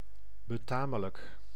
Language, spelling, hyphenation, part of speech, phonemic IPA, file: Dutch, betamelijk, be‧ta‧me‧lijk, adjective, /bəˈtaː.mə.lək/, Nl-betamelijk.ogg
- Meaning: decent, proper